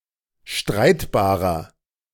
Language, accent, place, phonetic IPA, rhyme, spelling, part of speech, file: German, Germany, Berlin, [ˈʃtʁaɪ̯tbaːʁɐ], -aɪ̯tbaːʁɐ, streitbarer, adjective, De-streitbarer.ogg
- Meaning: 1. comparative degree of streitbar 2. inflection of streitbar: strong/mixed nominative masculine singular 3. inflection of streitbar: strong genitive/dative feminine singular